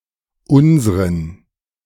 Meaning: inflection of unser: 1. accusative masculine singular 2. dative plural
- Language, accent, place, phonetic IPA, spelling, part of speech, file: German, Germany, Berlin, [ˈʊnzʁən], unsren, determiner, De-unsren.ogg